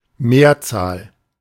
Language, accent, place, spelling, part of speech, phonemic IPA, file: German, Germany, Berlin, Mehrzahl, noun, /ˈmeːɐ̯t͡saːl/, De-Mehrzahl.ogg
- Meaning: 1. majority (the larger part of a group) 2. plural